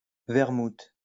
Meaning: vermouth
- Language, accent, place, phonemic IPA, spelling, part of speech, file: French, France, Lyon, /vɛʁ.mut/, vermouth, noun, LL-Q150 (fra)-vermouth.wav